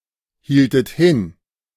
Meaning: inflection of hinhalten: 1. second-person plural preterite 2. second-person plural subjunctive II
- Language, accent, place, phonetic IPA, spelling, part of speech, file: German, Germany, Berlin, [ˌhiːltət ˈhɪn], hieltet hin, verb, De-hieltet hin.ogg